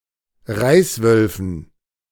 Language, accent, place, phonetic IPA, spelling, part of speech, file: German, Germany, Berlin, [ˈʁaɪ̯sˌvœlfn̩], Reißwölfen, noun, De-Reißwölfen.ogg
- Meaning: dative plural of Reißwolf